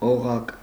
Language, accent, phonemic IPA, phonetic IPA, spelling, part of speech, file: Armenian, Eastern Armenian, /oˈʁɑk/, [oʁɑ́k], օղակ, noun, Hy-օղակ.ogg
- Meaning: 1. ring, hoop 2. unit, section; part, branch